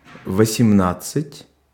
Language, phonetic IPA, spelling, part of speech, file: Russian, [vəsʲɪˈmnat͡s(ː)ɨtʲ], восемнадцать, numeral, Ru-восемнадцать.ogg
- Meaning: eighteen (18)